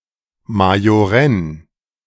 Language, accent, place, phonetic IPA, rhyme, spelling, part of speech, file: German, Germany, Berlin, [majoˈʁɛn], -ɛn, majorenn, adjective, De-majorenn.ogg
- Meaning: at legal age, not underage